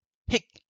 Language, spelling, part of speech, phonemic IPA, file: French, hic, noun / interjection, /ik/, LL-Q150 (fra)-hic.wav
- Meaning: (noun) snag, hitch, catch, kink, problem; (interjection) hic! (indicating a hiccup)